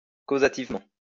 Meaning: causatively
- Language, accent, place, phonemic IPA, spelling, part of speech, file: French, France, Lyon, /ko.za.tiv.mɑ̃/, causativement, adverb, LL-Q150 (fra)-causativement.wav